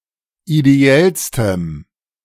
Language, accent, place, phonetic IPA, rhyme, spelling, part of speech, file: German, Germany, Berlin, [ideˈɛlstəm], -ɛlstəm, ideellstem, adjective, De-ideellstem.ogg
- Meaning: strong dative masculine/neuter singular superlative degree of ideell